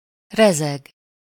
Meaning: to vibrate, to oscillate, to tremble, to judder, to quiver
- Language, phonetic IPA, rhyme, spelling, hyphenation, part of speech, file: Hungarian, [ˈrɛzɛɡ], -ɛɡ, rezeg, re‧zeg, verb, Hu-rezeg.ogg